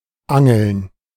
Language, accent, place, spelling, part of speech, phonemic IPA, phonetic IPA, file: German, Germany, Berlin, Angeln, noun / proper noun, /ˈaŋəln/, [ˈʔa.ŋl̩n], De-Angeln.ogg
- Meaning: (noun) 1. gerund of angeln: angling (the act of fishing with a rod) 2. plural of Angel (“fishing rod”)